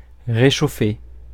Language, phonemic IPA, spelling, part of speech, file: French, /ʁe.ʃo.fe/, réchauffer, verb, Fr-réchauffer.ogg
- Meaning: 1. to reheat 2. to heat up, warm up